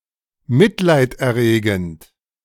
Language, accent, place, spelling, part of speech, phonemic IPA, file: German, Germany, Berlin, mitleiderregend, adjective, /ˈmɪtlaɪ̯tʔɛˌʁeːɡn̩t/, De-mitleiderregend.ogg
- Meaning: pitiful, pathetic